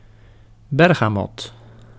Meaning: bergamot (pear-shaped citrus fruit)
- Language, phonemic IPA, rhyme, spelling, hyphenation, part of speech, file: Dutch, /ˌbɛr.ɣaːˈmɔt/, -ɔt, bergamot, ber‧ga‧mot, noun, Nl-bergamot.ogg